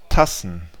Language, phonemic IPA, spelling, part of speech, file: German, /ˈtasn̩/, Tassen, noun, De-Tassen.ogg
- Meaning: plural of Tasse